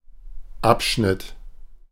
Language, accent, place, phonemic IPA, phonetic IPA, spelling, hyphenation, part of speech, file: German, Germany, Berlin, /ˈapˌʃnɪt/, [ˈʔapˌʃnɪtʰ], Abschnitt, Ab‧schnitt, noun, De-Abschnitt.ogg
- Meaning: 1. section (cutting) 2. paragraph 3. segment